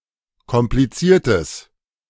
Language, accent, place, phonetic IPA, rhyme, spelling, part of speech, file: German, Germany, Berlin, [kɔmpliˈt͡siːɐ̯təs], -iːɐ̯təs, kompliziertes, adjective, De-kompliziertes.ogg
- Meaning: strong/mixed nominative/accusative neuter singular of kompliziert